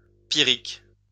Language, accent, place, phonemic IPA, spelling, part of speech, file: French, France, Lyon, /pi.ʁik/, pyrrhique, adjective, LL-Q150 (fra)-pyrrhique.wav
- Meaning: pyrrhic